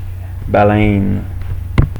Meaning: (noun) 1. whale (mammal) 2. whalebone, bone; stay (prop for clothing, in particular corsets) 3. landwhale; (verb) inflection of baleiner: first/third-person singular present indicative/subjunctive
- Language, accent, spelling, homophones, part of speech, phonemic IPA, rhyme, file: French, Quebec, baleine, baleinent / baleines, noun / verb, /ba.lɛn/, -ɛn, Qc-baleine.ogg